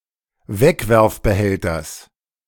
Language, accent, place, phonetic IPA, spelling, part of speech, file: German, Germany, Berlin, [ˈvɛkvɛʁfbəˌhɛltɐs], Wegwerfbehälters, noun, De-Wegwerfbehälters.ogg
- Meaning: genitive singular of Wegwerfbehälter